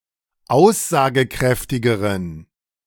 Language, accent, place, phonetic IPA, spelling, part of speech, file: German, Germany, Berlin, [ˈaʊ̯szaːɡəˌkʁɛftɪɡəʁən], aussagekräftigeren, adjective, De-aussagekräftigeren.ogg
- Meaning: inflection of aussagekräftig: 1. strong genitive masculine/neuter singular comparative degree 2. weak/mixed genitive/dative all-gender singular comparative degree